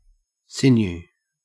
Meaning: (noun) 1. A cord or tendon of the body 2. A cord or string, particularly (music) as of a musical instrument 3. Muscular power, muscle; nerve, nervous energy; vigor, vigorous strength
- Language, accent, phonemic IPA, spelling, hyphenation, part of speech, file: English, Australia, /ˈsɪnjʉː/, sinew, sin‧ew, noun / verb, En-au-sinew.ogg